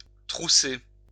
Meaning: 1. to fold up 2. to hitch up 3. to truss 4. to expedite 5. to stuff, to fuck
- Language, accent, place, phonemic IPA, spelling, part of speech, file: French, France, Lyon, /tʁu.se/, trousser, verb, LL-Q150 (fra)-trousser.wav